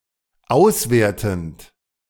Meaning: present participle of auswerten
- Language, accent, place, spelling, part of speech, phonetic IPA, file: German, Germany, Berlin, auswertend, verb, [ˈaʊ̯sˌveːɐ̯tn̩t], De-auswertend.ogg